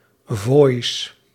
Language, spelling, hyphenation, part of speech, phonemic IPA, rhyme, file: Dutch, voois, voois, noun, /voːi̯s/, -oːi̯s, Nl-voois.ogg
- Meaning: 1. melody, tune 2. voice